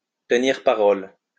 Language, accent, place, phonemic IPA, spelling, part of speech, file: French, France, Lyon, /tə.niʁ pa.ʁɔl/, tenir parole, verb, LL-Q150 (fra)-tenir parole.wav
- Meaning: to keep one's word, to deliver the goods